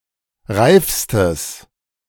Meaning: strong/mixed nominative/accusative neuter singular superlative degree of reif
- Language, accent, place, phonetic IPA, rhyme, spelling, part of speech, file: German, Germany, Berlin, [ˈʁaɪ̯fstəs], -aɪ̯fstəs, reifstes, adjective, De-reifstes.ogg